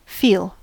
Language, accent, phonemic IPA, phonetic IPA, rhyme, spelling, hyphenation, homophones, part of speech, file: English, US, /ˈfiːl/, [ˈfɪi̯l], -iːl, feel, feel, fil, verb / noun / pronoun / adjective / adverb, En-us-feel.ogg
- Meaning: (verb) To use or experience the sense of touch.: To become aware of through the skin; to use the sense of touch on